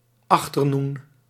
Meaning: 1. afternoon 2. lunch
- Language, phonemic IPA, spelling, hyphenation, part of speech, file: Dutch, /ˈɑx.tərˌnun/, achternoen, ach‧ter‧noen, noun, Nl-achternoen.ogg